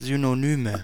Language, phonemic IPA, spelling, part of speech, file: German, /ˌzynoˈnyːmə/, Synonyme, noun, De-Synonyme.ogg
- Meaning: nominative/accusative/genitive plural of Synonym